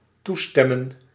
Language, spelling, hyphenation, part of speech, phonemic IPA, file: Dutch, toestemmen, toe‧stem‧men, verb, /ˈtuˌstɛ.mə(n)/, Nl-toestemmen.ogg
- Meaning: 1. to consent, agree 2. to award 3. to allow 4. to admit, acknowledge